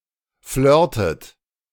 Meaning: inflection of flirten: 1. second-person plural present 2. second-person plural subjunctive I 3. third-person singular present 4. plural imperative
- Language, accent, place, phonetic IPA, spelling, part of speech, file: German, Germany, Berlin, [ˈflœːɐ̯tət], flirtet, verb, De-flirtet.ogg